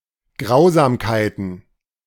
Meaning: plural of Grausamkeit
- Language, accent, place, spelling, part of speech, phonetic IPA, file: German, Germany, Berlin, Grausamkeiten, noun, [ˈɡʁaʊ̯zaːmkaɪ̯tn̩], De-Grausamkeiten.ogg